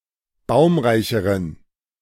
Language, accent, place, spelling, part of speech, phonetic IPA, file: German, Germany, Berlin, baumreicheren, adjective, [ˈbaʊ̯mʁaɪ̯çəʁən], De-baumreicheren.ogg
- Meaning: inflection of baumreich: 1. strong genitive masculine/neuter singular comparative degree 2. weak/mixed genitive/dative all-gender singular comparative degree